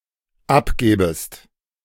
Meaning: second-person singular dependent subjunctive II of abgeben
- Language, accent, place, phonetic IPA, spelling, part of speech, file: German, Germany, Berlin, [ˈapˌɡɛːbəst], abgäbest, verb, De-abgäbest.ogg